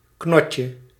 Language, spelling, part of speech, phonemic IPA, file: Dutch, knotje, noun, /ˈknɔcə/, Nl-knotje.ogg
- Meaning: diminutive of knot